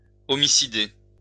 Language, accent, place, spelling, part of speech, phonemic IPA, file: French, France, Lyon, homicider, verb, /ɔ.mi.si.de/, LL-Q150 (fra)-homicider.wav
- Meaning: to kill, commit homicide